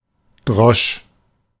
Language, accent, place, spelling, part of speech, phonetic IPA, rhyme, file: German, Germany, Berlin, drosch, verb, [dʁɔʃ], -ɔʃ, De-drosch.ogg
- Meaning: first/third-person singular preterite of dreschen